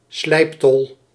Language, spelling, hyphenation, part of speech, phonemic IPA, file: Dutch, slijptol, slijp‧tol, noun, /ˈslɛi̯p.tɔl/, Nl-slijptol.ogg
- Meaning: a cutter grinder, a power grinder